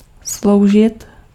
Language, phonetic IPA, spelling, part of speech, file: Czech, [ˈslou̯ʒɪt], sloužit, verb, Cs-sloužit.ogg
- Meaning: 1. to serve (somebody) 2. to serve as, to be used as